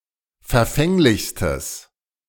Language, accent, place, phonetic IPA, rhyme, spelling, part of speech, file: German, Germany, Berlin, [fɛɐ̯ˈfɛŋlɪçstəs], -ɛŋlɪçstəs, verfänglichstes, adjective, De-verfänglichstes.ogg
- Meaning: strong/mixed nominative/accusative neuter singular superlative degree of verfänglich